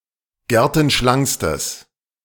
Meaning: strong/mixed nominative/accusative neuter singular superlative degree of gertenschlank
- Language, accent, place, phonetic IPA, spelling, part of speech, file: German, Germany, Berlin, [ˈɡɛʁtn̩ˌʃlaŋkstəs], gertenschlankstes, adjective, De-gertenschlankstes.ogg